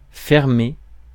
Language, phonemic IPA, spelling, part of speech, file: French, /fɛʁ.me/, fermé, verb / adjective, Fr-fermé.ogg
- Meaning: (verb) past participle of fermer; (adjective) 1. closed 2. switched off